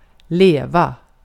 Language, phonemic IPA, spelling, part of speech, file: Swedish, /²leːva/, leva, verb / noun, Sv-leva.ogg
- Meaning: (verb) 1. to live, to be alive (concretely or figuratively) 2. to live, to be alive (concretely or figuratively): to live (lead one's life somewhere, with someone, or the like)